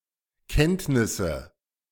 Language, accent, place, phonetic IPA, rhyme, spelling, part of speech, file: German, Germany, Berlin, [ˈkɛntnɪsə], -ɛntnɪsə, Kenntnisse, noun, De-Kenntnisse.ogg
- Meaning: nominative/accusative/genitive plural of Kenntnis